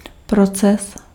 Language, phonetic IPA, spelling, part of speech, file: Czech, [ˈprot͡sɛs], proces, noun, Cs-proces.ogg
- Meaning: process